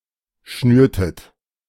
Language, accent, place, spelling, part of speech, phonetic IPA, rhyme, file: German, Germany, Berlin, schnürtet, verb, [ˈʃnyːɐ̯tət], -yːɐ̯tət, De-schnürtet.ogg
- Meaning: inflection of schnüren: 1. second-person plural preterite 2. second-person plural subjunctive II